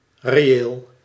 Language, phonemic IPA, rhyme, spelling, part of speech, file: Dutch, /reːˈeːl/, -eːl, reëel, adjective, Nl-reëel.ogg
- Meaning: 1. real, actual 2. realistic 3. pertaining or relevant to a case; absolute 4. real, pertaining to real numbers 5. real, corrected for inflation, not nominal